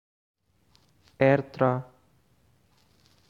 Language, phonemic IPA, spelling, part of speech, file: Tigrinya, /ʔer(ɨ).tra/, ኤርትራ, proper noun, Ertra.ogg
- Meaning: Eritrea (a country in East Africa, on the Red Sea)